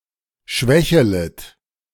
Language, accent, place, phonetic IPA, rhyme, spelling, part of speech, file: German, Germany, Berlin, [ˈʃvɛçələt], -ɛçələt, schwächelet, verb, De-schwächelet.ogg
- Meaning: second-person plural subjunctive I of schwächeln